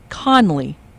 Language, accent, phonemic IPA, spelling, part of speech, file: English, US, /ˈkɒnli/, Conley, proper noun, En-us-Conley.ogg
- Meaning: 1. A surname from Irish 2. A male given name from Irish, transferred from the surname